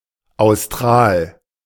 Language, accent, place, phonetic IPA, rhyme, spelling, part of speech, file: German, Germany, Berlin, [aʊ̯sˈtʁaːl], -aːl, austral, adjective, De-austral.ogg
- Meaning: austral